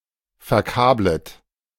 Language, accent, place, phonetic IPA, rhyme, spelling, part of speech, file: German, Germany, Berlin, [fɛɐ̯ˈkaːblət], -aːblət, verkablet, verb, De-verkablet.ogg
- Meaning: second-person plural subjunctive I of verkabeln